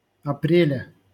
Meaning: genitive singular of апре́ль (aprélʹ)
- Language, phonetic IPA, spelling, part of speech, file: Russian, [ɐˈprʲelʲə], апреля, noun, LL-Q7737 (rus)-апреля.wav